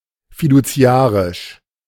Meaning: fiduciary
- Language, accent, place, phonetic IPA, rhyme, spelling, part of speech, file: German, Germany, Berlin, [fiduˈt͡si̯aːʁɪʃ], -aːʁɪʃ, fiduziarisch, adjective, De-fiduziarisch.ogg